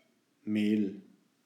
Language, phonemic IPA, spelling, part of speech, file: German, /meːl/, Mehl, noun, De-Mehl.ogg
- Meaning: 1. flour; meal (ground cereal) 2. powder; dust (any result of grinding)